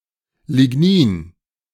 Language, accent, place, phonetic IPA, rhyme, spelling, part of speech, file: German, Germany, Berlin, [lɪˈɡniːn], -iːn, Lignin, noun, De-Lignin.ogg
- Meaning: lignin